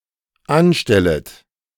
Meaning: second-person plural dependent subjunctive I of anstellen
- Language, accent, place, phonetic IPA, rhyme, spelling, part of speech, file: German, Germany, Berlin, [ˈanˌʃtɛlət], -anʃtɛlət, anstellet, verb, De-anstellet.ogg